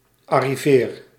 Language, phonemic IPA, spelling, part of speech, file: Dutch, /ɑriveːr/, arriveer, verb, Nl-arriveer.ogg
- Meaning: inflection of arriveren: 1. first-person singular present indicative 2. second-person singular present indicative 3. imperative